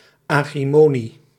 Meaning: agrimony, plant of the genus Agrimonia
- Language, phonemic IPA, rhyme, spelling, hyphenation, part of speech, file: Dutch, /aː.ɣriˈmoː.ni/, -oːni, agrimonie, agri‧mo‧nie, noun, Nl-agrimonie.ogg